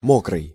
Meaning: 1. wet, damp 2. murder, killing
- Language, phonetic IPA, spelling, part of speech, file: Russian, [ˈmokrɨj], мокрый, adjective, Ru-мокрый.ogg